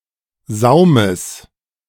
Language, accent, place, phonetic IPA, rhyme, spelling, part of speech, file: German, Germany, Berlin, [ˈzaʊ̯məs], -aʊ̯məs, Saumes, noun, De-Saumes.ogg
- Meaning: genitive singular of Saum